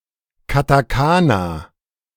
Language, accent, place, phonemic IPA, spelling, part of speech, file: German, Germany, Berlin, /kataˈkaːna/, Katakana, noun, De-Katakana.ogg
- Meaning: 1. katakana (Japanese syllabary) 2. katakana (a character thereof)